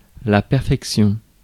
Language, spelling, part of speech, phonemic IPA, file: French, perfection, noun, /pɛʁ.fɛk.sjɔ̃/, Fr-perfection.ogg
- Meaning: perfection